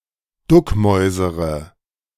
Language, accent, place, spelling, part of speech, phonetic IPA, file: German, Germany, Berlin, duckmäusere, verb, [ˈdʊkˌmɔɪ̯zəʁə], De-duckmäusere.ogg
- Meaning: inflection of duckmäusern: 1. first-person singular present 2. first-person plural subjunctive I 3. third-person singular subjunctive I 4. singular imperative